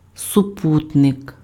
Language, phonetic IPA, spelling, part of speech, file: Ukrainian, [sʊˈputnek], супутник, noun, Uk-супутник.ogg
- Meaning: 1. fellow traveller 2. satellite, moon (a natural satellite of a planet) 3. an artificial satellite of a planet or moon, sputnik